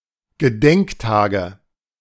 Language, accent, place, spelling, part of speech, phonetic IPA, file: German, Germany, Berlin, Gedenktage, noun, [ɡəˈdɛŋkˌtaːɡə], De-Gedenktage.ogg
- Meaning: nominative/accusative/genitive plural of Gedenktag